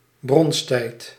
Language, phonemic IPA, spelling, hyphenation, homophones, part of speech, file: Dutch, /ˈbrɔns.tɛi̯t/, bronstijd, brons‧tijd, bronsttijd, proper noun, Nl-bronstijd.ogg
- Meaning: Bronze Age